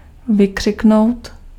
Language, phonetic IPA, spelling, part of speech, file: Czech, [ˈvɪkr̝̊ɪknou̯t], vykřiknout, verb, Cs-vykřiknout.ogg
- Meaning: 1. to shout 2. to scream (to make the sound of a scream)